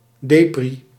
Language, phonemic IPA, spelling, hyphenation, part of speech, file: Dutch, /ˈdeː.pri/, depri, de‧pri, adjective, Nl-depri.ogg
- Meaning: depressed, downcast